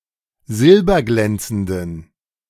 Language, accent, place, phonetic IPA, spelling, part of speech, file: German, Germany, Berlin, [ˈzɪlbɐˌɡlɛnt͡sn̩dən], silberglänzenden, adjective, De-silberglänzenden.ogg
- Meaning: inflection of silberglänzend: 1. strong genitive masculine/neuter singular 2. weak/mixed genitive/dative all-gender singular 3. strong/weak/mixed accusative masculine singular 4. strong dative plural